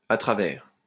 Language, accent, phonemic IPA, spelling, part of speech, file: French, France, /a tʁa.vɛʁ/, à travers, preposition, LL-Q150 (fra)-à travers.wav
- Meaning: 1. through 2. across (from one side to the other) 3. throughout